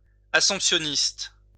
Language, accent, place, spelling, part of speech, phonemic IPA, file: French, France, Lyon, assomptionniste, adjective / noun, /a.sɔ̃p.sjɔ.nist/, LL-Q150 (fra)-assomptionniste.wav
- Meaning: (adjective) Assumptionist; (noun) Assumptionist (Augustinian of the Assumption)